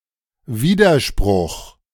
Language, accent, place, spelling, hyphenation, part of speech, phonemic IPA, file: German, Germany, Berlin, Widerspruch, Wi‧der‧spruch, noun, /ˈviːdɐˌʃpʁʊx/, De-Widerspruch.ogg
- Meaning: 1. objection, protest 2. contradiction